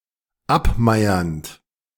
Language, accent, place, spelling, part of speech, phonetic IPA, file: German, Germany, Berlin, abmeiernd, verb, [ˈapˌmaɪ̯ɐnt], De-abmeiernd.ogg
- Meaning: present participle of abmeiern